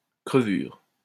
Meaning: 1. cut 2. piece of shit, scum, filth
- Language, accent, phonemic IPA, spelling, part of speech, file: French, France, /kʁə.vyʁ/, crevure, noun, LL-Q150 (fra)-crevure.wav